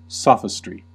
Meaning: 1. The actions or arguments of a sophist 2. Plausible yet fallacious argumentation or reasoning
- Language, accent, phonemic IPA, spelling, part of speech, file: English, US, /ˈsɑ.fɪ.stɹi/, sophistry, noun, En-us-sophistry.ogg